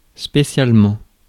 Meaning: especially, specially
- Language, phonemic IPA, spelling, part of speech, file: French, /spe.sjal.mɑ̃/, spécialement, adverb, Fr-spécialement.ogg